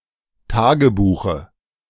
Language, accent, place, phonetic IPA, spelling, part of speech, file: German, Germany, Berlin, [ˈtaːɡəˌbuːxə], Tagebuche, noun, De-Tagebuche.ogg
- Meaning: dative of Tagebuch